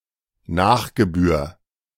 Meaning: 1. any additional fee levied due to performance following non-payment 2. any additional fee levied due to performance following non-payment: particularly postage due
- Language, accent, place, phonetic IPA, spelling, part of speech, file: German, Germany, Berlin, [ˈnaːχɡəˌbyːɐ̯], Nachgebühr, noun, De-Nachgebühr.ogg